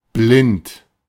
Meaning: 1. blind 2. cloudy
- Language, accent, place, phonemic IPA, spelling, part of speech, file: German, Germany, Berlin, /blɪnt/, blind, adjective, De-blind.ogg